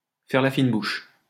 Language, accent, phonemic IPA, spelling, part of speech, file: French, France, /fɛʁ la fin buʃ/, faire la fine bouche, verb, LL-Q150 (fra)-faire la fine bouche.wav
- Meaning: to be finicky, to be choosy, to turn up one's nose